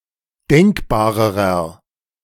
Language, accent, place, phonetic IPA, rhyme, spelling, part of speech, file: German, Germany, Berlin, [ˈdɛŋkbaːʁəʁɐ], -ɛŋkbaːʁəʁɐ, denkbarerer, adjective, De-denkbarerer.ogg
- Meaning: inflection of denkbar: 1. strong/mixed nominative masculine singular comparative degree 2. strong genitive/dative feminine singular comparative degree 3. strong genitive plural comparative degree